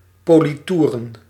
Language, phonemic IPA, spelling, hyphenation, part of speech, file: Dutch, /ˌpoː.liˈtu.rə(n)/, politoeren, po‧li‧toe‧ren, verb, Nl-politoeren.ogg
- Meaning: to varnish with French polish